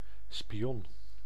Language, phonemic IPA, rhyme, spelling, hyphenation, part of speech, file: Dutch, /piˈɔn/, -ɔn, pion, pi‧on, noun, Nl-pion.ogg
- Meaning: 1. pawn 2. piece, pawn (generic player piece in boardgames resembling the pawn in chess) 3. pawn (someone without control; one who is (easily) manipulated)